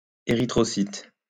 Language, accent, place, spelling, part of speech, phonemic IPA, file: French, France, Lyon, érythrocyte, noun, /e.ʁi.tʁɔ.sit/, LL-Q150 (fra)-érythrocyte.wav
- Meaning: erythrocyte